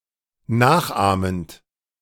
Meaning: present participle of nachahmen
- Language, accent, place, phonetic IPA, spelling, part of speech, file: German, Germany, Berlin, [ˈnaːxˌʔaːmənt], nachahmend, verb, De-nachahmend.ogg